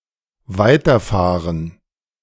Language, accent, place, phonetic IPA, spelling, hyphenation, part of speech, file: German, Germany, Berlin, [ˈvaɪ̯tɐˌfaːʁən], weiterfahren, wei‧ter‧fah‧ren, verb, De-weiterfahren.ogg
- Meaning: to continue driving